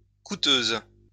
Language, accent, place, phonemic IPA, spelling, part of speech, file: French, France, Lyon, /ku.tøz/, coûteuse, adjective, LL-Q150 (fra)-coûteuse.wav
- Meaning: feminine singular of coûteux